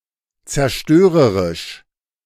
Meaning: destructive
- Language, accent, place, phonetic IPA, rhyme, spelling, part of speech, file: German, Germany, Berlin, [t͡sɛɐ̯ˈʃtøːʁəʁɪʃ], -øːʁəʁɪʃ, zerstörerisch, adjective, De-zerstörerisch.ogg